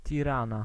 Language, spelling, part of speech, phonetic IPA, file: Polish, Tirana, proper noun, [tʲiˈrãna], Pl-Tirana.ogg